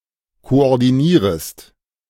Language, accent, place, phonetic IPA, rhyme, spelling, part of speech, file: German, Germany, Berlin, [koʔɔʁdiˈniːʁəst], -iːʁəst, koordinierest, verb, De-koordinierest.ogg
- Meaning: second-person singular subjunctive I of koordinieren